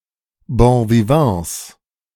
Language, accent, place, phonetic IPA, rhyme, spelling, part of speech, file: German, Germany, Berlin, [bõviˈvɑ̃ːs], -ɑ̃ːs, Bonvivants, noun, De-Bonvivants.ogg
- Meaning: 1. plural of Bonvivant 2. genitive singular of Bonvivant